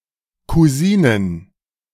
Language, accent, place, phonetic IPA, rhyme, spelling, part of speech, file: German, Germany, Berlin, [kuˈziːnən], -iːnən, Kusinen, noun, De-Kusinen.ogg
- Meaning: plural of Kusine